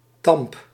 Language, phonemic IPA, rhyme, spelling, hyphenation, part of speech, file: Dutch, /tɑmp/, -ɑmp, tamp, tamp, noun, Nl-tamp.ogg
- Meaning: 1. the end of a rope or chain 2. penis